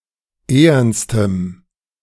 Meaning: strong dative masculine/neuter singular superlative degree of ehern
- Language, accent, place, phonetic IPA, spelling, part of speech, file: German, Germany, Berlin, [ˈeːɐnstəm], ehernstem, adjective, De-ehernstem.ogg